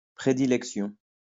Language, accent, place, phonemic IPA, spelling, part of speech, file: French, France, Lyon, /pʁe.di.lɛk.sjɔ̃/, prédilection, noun, LL-Q150 (fra)-prédilection.wav
- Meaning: predilection, tendency